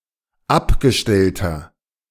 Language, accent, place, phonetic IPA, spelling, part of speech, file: German, Germany, Berlin, [ˈapɡəˌʃtɛltɐ], abgestellter, adjective, De-abgestellter.ogg
- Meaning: inflection of abgestellt: 1. strong/mixed nominative masculine singular 2. strong genitive/dative feminine singular 3. strong genitive plural